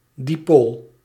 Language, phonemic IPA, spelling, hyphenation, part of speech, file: Dutch, /ˈdi.poːl/, dipool, di‧pool, noun, Nl-dipool.ogg
- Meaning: dipole